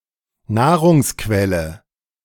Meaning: A source of nutrition
- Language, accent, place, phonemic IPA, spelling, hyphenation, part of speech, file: German, Germany, Berlin, /ˈnaːʁʊŋsˌkvɛlə/, Nahrungsquelle, Nah‧rungs‧quel‧le, noun, De-Nahrungsquelle.ogg